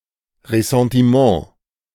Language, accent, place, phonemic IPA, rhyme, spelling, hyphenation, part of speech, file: German, Germany, Berlin, /rɛsãtiˈmãː/, -ãː, Ressentiment, Res‧sen‧ti‧ment, noun, De-Ressentiment.ogg
- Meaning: resentment